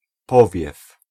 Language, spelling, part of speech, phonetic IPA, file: Polish, powiew, noun, [ˈpɔvʲjɛf], Pl-powiew.ogg